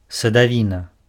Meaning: fruits
- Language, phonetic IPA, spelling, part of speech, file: Belarusian, [sadavʲiˈna], садавіна, noun, Be-садавіна.ogg